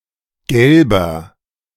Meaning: 1. comparative degree of gelb 2. inflection of gelb: strong/mixed nominative masculine singular 3. inflection of gelb: strong genitive/dative feminine singular
- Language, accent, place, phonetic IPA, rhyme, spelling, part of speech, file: German, Germany, Berlin, [ˈɡɛlbɐ], -ɛlbɐ, gelber, adjective, De-gelber.ogg